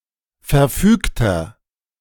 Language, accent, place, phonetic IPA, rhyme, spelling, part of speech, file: German, Germany, Berlin, [fɛɐ̯ˈfyːktɐ], -yːktɐ, verfügter, adjective, De-verfügter.ogg
- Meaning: inflection of verfügt: 1. strong/mixed nominative masculine singular 2. strong genitive/dative feminine singular 3. strong genitive plural